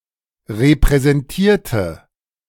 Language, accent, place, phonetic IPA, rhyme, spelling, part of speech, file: German, Germany, Berlin, [ʁepʁɛzɛnˈtiːɐ̯tə], -iːɐ̯tə, repräsentierte, adjective / verb, De-repräsentierte.ogg
- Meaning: inflection of repräsentieren: 1. first/third-person singular preterite 2. first/third-person singular subjunctive II